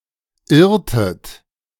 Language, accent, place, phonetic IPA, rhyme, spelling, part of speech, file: German, Germany, Berlin, [ˈɪʁtət], -ɪʁtət, irrtet, verb, De-irrtet.ogg
- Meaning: inflection of irren: 1. second-person plural preterite 2. second-person plural subjunctive II